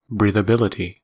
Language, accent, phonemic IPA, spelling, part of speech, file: English, US, /ˌbɹiː.ðəˈbɪl.ə.ti/, breathability, noun, En-us-breathability.ogg
- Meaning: 1. The ability of a fabric (or clothing) to transmit air and moisture 2. The degree to which air or other substance is suitable for breathing